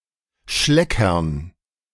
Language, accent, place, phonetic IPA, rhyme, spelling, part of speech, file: German, Germany, Berlin, [ˈʃlɛkɐn], -ɛkɐn, Schleckern, noun, De-Schleckern.ogg
- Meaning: dative plural of Schlecker